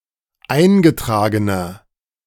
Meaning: inflection of eingetragen: 1. strong/mixed nominative masculine singular 2. strong genitive/dative feminine singular 3. strong genitive plural
- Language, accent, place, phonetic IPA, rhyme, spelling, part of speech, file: German, Germany, Berlin, [ˈaɪ̯nɡəˌtʁaːɡənɐ], -aɪ̯nɡətʁaːɡənɐ, eingetragener, adjective, De-eingetragener.ogg